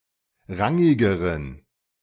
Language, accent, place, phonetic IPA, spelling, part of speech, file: German, Germany, Berlin, [ˈʁaŋɪɡəʁən], rangigeren, adjective, De-rangigeren.ogg
- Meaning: inflection of rangig: 1. strong genitive masculine/neuter singular comparative degree 2. weak/mixed genitive/dative all-gender singular comparative degree